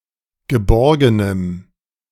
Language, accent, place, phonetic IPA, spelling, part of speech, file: German, Germany, Berlin, [ɡəˈbɔʁɡənəm], geborgenem, adjective, De-geborgenem.ogg
- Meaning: strong dative masculine/neuter singular of geborgen